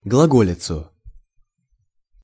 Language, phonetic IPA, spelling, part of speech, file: Russian, [ɡɫɐˈɡolʲɪt͡sʊ], глаголицу, noun, Ru-глаголицу.ogg
- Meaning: accusative singular of глаго́лица (glagólica)